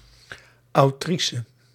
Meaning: female equivalent of auteur
- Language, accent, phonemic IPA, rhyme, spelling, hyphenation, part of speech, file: Dutch, Netherlands, /ɑuˈtri.sə/, -isə, autrice, au‧tri‧ce, noun, Nl-autrice.ogg